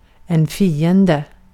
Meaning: an enemy (person, etc., opposed to oneself)
- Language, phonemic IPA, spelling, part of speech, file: Swedish, /²fiːˌɛndɛ/, fiende, noun, Sv-fiende.ogg